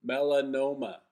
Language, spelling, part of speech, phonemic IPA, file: English, melanoma, noun, /mɛləˈnoʊmə/, En-melanoma.oga
- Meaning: A dark-pigmented, usually malignant tumor arising from a melanocyte and occurring most commonly in the skin